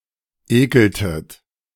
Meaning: inflection of ekeln: 1. second-person plural preterite 2. second-person plural subjunctive II
- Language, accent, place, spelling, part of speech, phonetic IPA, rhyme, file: German, Germany, Berlin, ekeltet, verb, [ˈeːkl̩tət], -eːkl̩tət, De-ekeltet.ogg